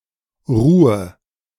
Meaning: inflection of ruhen: 1. first-person singular present 2. first/third-person singular subjunctive I 3. singular imperative
- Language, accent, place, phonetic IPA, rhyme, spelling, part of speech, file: German, Germany, Berlin, [ˈʁuːə], -uːə, ruhe, verb, De-ruhe.ogg